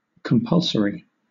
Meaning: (adjective) 1. Required; obligatory; mandatory 2. Having the power of compulsion; constraining; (noun) Something that is compulsory or required
- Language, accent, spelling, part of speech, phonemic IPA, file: English, Southern England, compulsory, adjective / noun, /kəmˈpʌlsəɹi/, LL-Q1860 (eng)-compulsory.wav